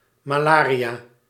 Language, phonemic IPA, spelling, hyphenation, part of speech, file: Dutch, /maˈlariˌja/, malaria, ma‧la‧ria, noun, Nl-malaria.ogg
- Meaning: malaria